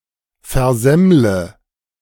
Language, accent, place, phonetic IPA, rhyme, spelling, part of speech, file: German, Germany, Berlin, [fɛɐ̯ˈzɛmlə], -ɛmlə, versemmle, verb, De-versemmle.ogg
- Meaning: inflection of versemmeln: 1. first-person singular present 2. first/third-person singular subjunctive I 3. singular imperative